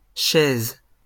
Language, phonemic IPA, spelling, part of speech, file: French, /ʃɛz/, chaises, noun, LL-Q150 (fra)-chaises.wav
- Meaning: plural of chaise